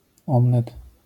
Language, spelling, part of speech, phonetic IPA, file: Polish, omlet, noun, [ˈɔ̃mlɛt], LL-Q809 (pol)-omlet.wav